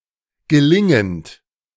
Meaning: present participle of gelingen
- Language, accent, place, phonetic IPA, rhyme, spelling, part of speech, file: German, Germany, Berlin, [ɡəˈlɪŋənt], -ɪŋənt, gelingend, verb, De-gelingend.ogg